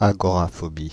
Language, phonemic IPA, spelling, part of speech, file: French, /a.ɡɔ.ʁa.fɔ.bi/, agoraphobie, noun, Fr-agoraphobie.ogg
- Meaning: agoraphobia